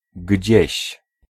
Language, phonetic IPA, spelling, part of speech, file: Polish, [ɟd͡ʑɛ̇ɕ], gdzieś, pronoun, Pl-gdzieś.ogg